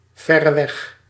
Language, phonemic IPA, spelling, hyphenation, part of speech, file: Dutch, /ˈvɛ.rəˌʋɛɣ/, verreweg, ver‧re‧weg, adverb, Nl-verreweg.ogg
- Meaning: by far